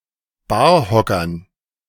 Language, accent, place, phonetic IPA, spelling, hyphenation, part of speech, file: German, Germany, Berlin, [ˈbaːɐ̯ˌhɔkɐn], Barhockern, Bar‧ho‧ckern, noun, De-Barhockern.ogg
- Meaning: dative plural of Barhocker